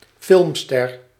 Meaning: a movie star
- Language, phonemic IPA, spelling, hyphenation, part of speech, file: Dutch, /ˈfɪlm.stɛr/, filmster, film‧ster, noun, Nl-filmster.ogg